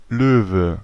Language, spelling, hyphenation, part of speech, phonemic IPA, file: German, Löwe, Lö‧we, noun, /ˈløːvə/, De-Löwe.ogg
- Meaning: 1. lion 2. lion, as used on a coat of arms 3. Leo